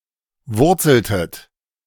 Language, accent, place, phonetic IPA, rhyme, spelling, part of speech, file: German, Germany, Berlin, [ˈvʊʁt͡sl̩tət], -ʊʁt͡sl̩tət, wurzeltet, verb, De-wurzeltet.ogg
- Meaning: inflection of wurzeln: 1. second-person plural preterite 2. second-person plural subjunctive II